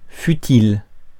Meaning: futile
- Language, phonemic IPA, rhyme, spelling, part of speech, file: French, /fy.til/, -il, futile, adjective, Fr-futile.ogg